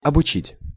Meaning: to teach, to instruct (often not in an academic setting)
- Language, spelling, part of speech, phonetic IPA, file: Russian, обучить, verb, [ɐbʊˈt͡ɕitʲ], Ru-обучить.ogg